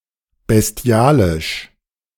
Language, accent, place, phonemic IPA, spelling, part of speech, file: German, Germany, Berlin, /bɛsˈti̯aːlɪʃ/, bestialisch, adjective, De-bestialisch.ogg
- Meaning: 1. atrocious, gruesome, depraved, very cruel and inhumane 2. bestial, beastly, animal